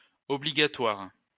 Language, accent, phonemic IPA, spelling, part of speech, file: French, France, /ɔ.bli.ɡa.tɛʁ/, obligataire, noun, LL-Q150 (fra)-obligataire.wav
- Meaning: bondholder